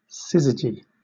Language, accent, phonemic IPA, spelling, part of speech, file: English, Southern England, /ˈsɪz.ɪ.d͡ʒi/, syzygy, noun, LL-Q1860 (eng)-syzygy.wav
- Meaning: An alignment of three celestial bodies (for example, the Sun, Earth, and Moon) such that one body is directly between the other two, such as occurs at an eclipse